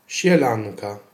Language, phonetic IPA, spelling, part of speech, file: Polish, [ɕɛˈlãnka], sielanka, noun, Pl-sielanka.ogg